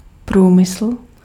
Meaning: industry
- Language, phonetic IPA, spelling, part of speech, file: Czech, [ˈpruːmɪsl̩], průmysl, noun, Cs-průmysl.ogg